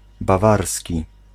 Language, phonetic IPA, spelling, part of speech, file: Polish, [baˈvarsʲci], bawarski, adjective / noun, Pl-bawarski.ogg